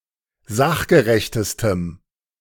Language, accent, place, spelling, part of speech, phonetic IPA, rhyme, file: German, Germany, Berlin, sachgerechtestem, adjective, [ˈzaxɡəʁɛçtəstəm], -axɡəʁɛçtəstəm, De-sachgerechtestem.ogg
- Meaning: strong dative masculine/neuter singular superlative degree of sachgerecht